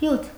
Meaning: juice
- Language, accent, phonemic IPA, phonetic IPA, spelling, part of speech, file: Armenian, Eastern Armenian, /hjutʰ/, [hjutʰ], հյութ, noun, Hy-հյութ.ogg